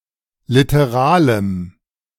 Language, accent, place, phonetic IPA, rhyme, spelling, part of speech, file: German, Germany, Berlin, [ˌlɪtəˈʁaːləm], -aːləm, literalem, adjective, De-literalem.ogg
- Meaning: strong dative masculine/neuter singular of literal